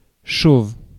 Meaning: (adjective) 1. bald (devoid of hair) 2. bare, barren (devoid of a thing (such as vegetation)); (noun) a bald person
- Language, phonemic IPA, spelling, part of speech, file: French, /ʃov/, chauve, adjective / noun, Fr-chauve.ogg